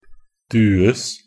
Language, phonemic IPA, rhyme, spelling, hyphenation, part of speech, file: Norwegian Bokmål, /ˈdʉːəs/, -əs, dues, du‧es, verb, Nb-dues.ogg
- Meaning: passive of due